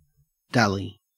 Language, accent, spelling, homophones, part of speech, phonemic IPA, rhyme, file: English, Australia, dally, DALY, verb / noun, /ˈdæli/, -æli, En-au-dally.ogg
- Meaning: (verb) 1. To waste time in trivial activities, or in idleness; to trifle 2. To caress, especially of a sexual nature; to fondle or pet 3. To delay unnecessarily; to while away